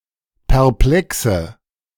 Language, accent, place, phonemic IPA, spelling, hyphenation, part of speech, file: German, Germany, Berlin, /pɛʁˈplɛksə/, perplexe, per‧ple‧xe, adjective, De-perplexe.ogg
- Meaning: inflection of perplex: 1. strong/mixed nominative/accusative feminine singular 2. strong nominative/accusative plural 3. weak nominative all-gender singular 4. weak accusative feminine/neuter singular